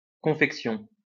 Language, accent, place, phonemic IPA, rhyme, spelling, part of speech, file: French, France, Lyon, /kɔ̃.fɛk.sjɔ̃/, -ɔ̃, confection, noun, LL-Q150 (fra)-confection.wav
- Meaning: 1. making, creation, development, confection 2. ready-to-wear clothing 3. the ready-to-wear clothing industry